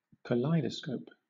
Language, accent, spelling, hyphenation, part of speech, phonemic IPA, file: English, Southern England, kaleidoscope, kal‧ei‧do‧scope, noun / verb, /kəˈlaɪ.dəˌskəʊp/, LL-Q1860 (eng)-kaleidoscope.wav
- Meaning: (noun) An instrument consisting of a tube containing mirrors and loose, colourful beads or other objects; when the tube is looked into and rotated, a succession of symmetrical designs can be seen